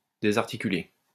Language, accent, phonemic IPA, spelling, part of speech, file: French, France, /de.zaʁ.ti.ky.le/, désarticuler, verb, LL-Q150 (fra)-désarticuler.wav
- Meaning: to dislocate